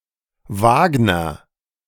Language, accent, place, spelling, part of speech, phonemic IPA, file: German, Germany, Berlin, Wagner, noun / proper noun, /ˈvaːɡnəʁ/, De-Wagner.ogg
- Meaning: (noun) cartwright, wainwright, wheelwright; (proper noun) a common surname originating as an occupation